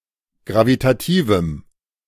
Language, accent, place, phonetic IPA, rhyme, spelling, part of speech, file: German, Germany, Berlin, [ˌɡʁavitaˈtiːvm̩], -iːvm̩, gravitativem, adjective, De-gravitativem.ogg
- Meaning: strong dative masculine/neuter singular of gravitativ